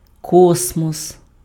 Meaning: space, cosmos
- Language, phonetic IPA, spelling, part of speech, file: Ukrainian, [ˈkɔsmɔs], космос, noun, Uk-космос.ogg